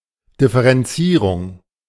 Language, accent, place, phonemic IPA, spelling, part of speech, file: German, Germany, Berlin, /dɪfəʁɛnˈtsiːʁʊŋ/, Differenzierung, noun, De-Differenzierung.ogg
- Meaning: differentiation